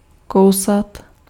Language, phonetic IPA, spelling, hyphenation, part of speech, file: Czech, [ˈkou̯sat], kousat, kou‧sat, verb, Cs-kousat.ogg
- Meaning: to bite